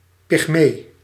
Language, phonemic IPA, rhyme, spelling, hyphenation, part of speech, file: Dutch, /pɪxˈmeː/, -eː, pygmee, pyg‧mee, noun, Nl-pygmee.ogg
- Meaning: 1. a pygmy (member of an African tribe of short people) 2. a pygmy animal, a dwarf animal 3. an insignificant person, a pygmy